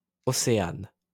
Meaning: a female given name, popular in the 1990s and the 2000s
- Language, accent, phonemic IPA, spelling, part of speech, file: French, France, /ɔ.se.an/, Océane, proper noun, LL-Q150 (fra)-Océane.wav